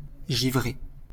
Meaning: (adjective) 1. frosted; covered with frost or a thin pale layer resembling frost 2. crazy, nuts; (verb) past participle of givrer
- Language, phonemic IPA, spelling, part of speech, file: French, /ʒi.vʁe/, givré, adjective / verb, LL-Q150 (fra)-givré.wav